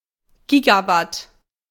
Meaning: gigawatt
- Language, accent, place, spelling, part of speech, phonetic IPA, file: German, Germany, Berlin, Gigawatt, noun, [ˈɡiːɡaˌvat], De-Gigawatt.ogg